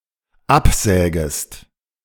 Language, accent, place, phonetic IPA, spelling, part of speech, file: German, Germany, Berlin, [ˈapˌzɛːɡəst], absägest, verb, De-absägest.ogg
- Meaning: second-person singular dependent subjunctive I of absägen